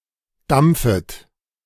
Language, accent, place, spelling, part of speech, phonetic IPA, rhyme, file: German, Germany, Berlin, dampfet, verb, [ˈdamp͡fət], -amp͡fət, De-dampfet.ogg
- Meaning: second-person plural subjunctive I of dampfen